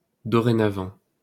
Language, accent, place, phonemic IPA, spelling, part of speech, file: French, France, Paris, /dɔ.ʁe.na.vɑ̃/, dorénavant, adverb, LL-Q150 (fra)-dorénavant.wav
- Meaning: henceforth, from now on, from this day forward